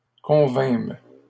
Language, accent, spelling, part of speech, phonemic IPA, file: French, Canada, convînmes, verb, /kɔ̃.vɛ̃m/, LL-Q150 (fra)-convînmes.wav
- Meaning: first-person plural past historic of convenir